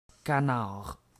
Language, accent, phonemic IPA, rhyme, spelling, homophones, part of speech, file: French, Quebec, /ka.naʁ/, -aʁ, canard, canards, noun, Qc-canard.ogg
- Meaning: 1. duck (of either sex) 2. drake (male duck) 3. canard, hoax 4. newspaper 5. a man who complies with every desire of his partner in order to avoid conflict